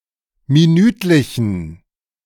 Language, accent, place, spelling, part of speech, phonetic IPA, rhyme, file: German, Germany, Berlin, minütlichen, adjective, [miˈnyːtlɪçn̩], -yːtlɪçn̩, De-minütlichen.ogg
- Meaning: inflection of minütlich: 1. strong genitive masculine/neuter singular 2. weak/mixed genitive/dative all-gender singular 3. strong/weak/mixed accusative masculine singular 4. strong dative plural